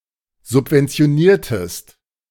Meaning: inflection of subventionieren: 1. second-person singular preterite 2. second-person singular subjunctive II
- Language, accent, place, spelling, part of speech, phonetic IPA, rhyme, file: German, Germany, Berlin, subventioniertest, verb, [zʊpvɛnt͡si̯oˈniːɐ̯təst], -iːɐ̯təst, De-subventioniertest.ogg